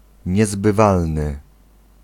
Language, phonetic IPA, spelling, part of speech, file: Polish, [ˌɲɛzbɨˈvalnɨ], niezbywalny, adjective, Pl-niezbywalny.ogg